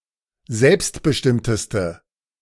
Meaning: inflection of selbstbestimmt: 1. strong/mixed nominative/accusative feminine singular superlative degree 2. strong nominative/accusative plural superlative degree
- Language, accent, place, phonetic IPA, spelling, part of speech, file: German, Germany, Berlin, [ˈzɛlpstbəˌʃtɪmtəstə], selbstbestimmteste, adjective, De-selbstbestimmteste.ogg